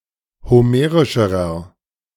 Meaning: inflection of homerisch: 1. strong/mixed nominative masculine singular comparative degree 2. strong genitive/dative feminine singular comparative degree 3. strong genitive plural comparative degree
- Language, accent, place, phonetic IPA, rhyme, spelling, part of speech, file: German, Germany, Berlin, [hoˈmeːʁɪʃəʁɐ], -eːʁɪʃəʁɐ, homerischerer, adjective, De-homerischerer.ogg